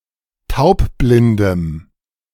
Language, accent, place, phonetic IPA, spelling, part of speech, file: German, Germany, Berlin, [ˈtaʊ̯pˌblɪndəm], taubblindem, adjective, De-taubblindem.ogg
- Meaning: strong dative masculine/neuter singular of taubblind